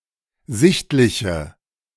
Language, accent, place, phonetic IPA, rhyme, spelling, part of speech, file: German, Germany, Berlin, [ˈzɪçtlɪçə], -ɪçtlɪçə, sichtliche, adjective, De-sichtliche.ogg
- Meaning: inflection of sichtlich: 1. strong/mixed nominative/accusative feminine singular 2. strong nominative/accusative plural 3. weak nominative all-gender singular